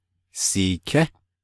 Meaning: first-person dual si-perfective neuter of sidá
- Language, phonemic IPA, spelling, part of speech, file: Navajo, /sìːkʰɛ́/, siiké, verb, Nv-siiké.ogg